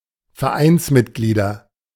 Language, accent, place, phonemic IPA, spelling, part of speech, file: German, Germany, Berlin, /fɛɐ̯ˈʔaɪ̯nsˌmɪtɡliːdɐ/, Vereinsmitglieder, noun, De-Vereinsmitglieder.ogg
- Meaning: nominative/accusative/genitive plural of Vereinsmitglied